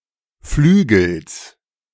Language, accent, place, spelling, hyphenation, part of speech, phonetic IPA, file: German, Germany, Berlin, Flügels, Flü‧gels, noun, [ˈflyːɡəls], De-Flügels.ogg
- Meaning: genitive singular of Flügel